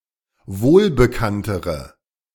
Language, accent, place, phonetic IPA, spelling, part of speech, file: German, Germany, Berlin, [ˈvoːlbəˌkantəʁə], wohlbekanntere, adjective, De-wohlbekanntere.ogg
- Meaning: inflection of wohlbekannt: 1. strong/mixed nominative/accusative feminine singular comparative degree 2. strong nominative/accusative plural comparative degree